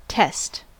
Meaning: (noun) 1. A challenge, trial 2. A challenge, trial.: An examination, given often during the academic term
- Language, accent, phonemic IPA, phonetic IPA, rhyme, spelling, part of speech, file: English, General American, /tɛst/, [tʰɛst], -ɛst, test, noun / verb, En-us-test.ogg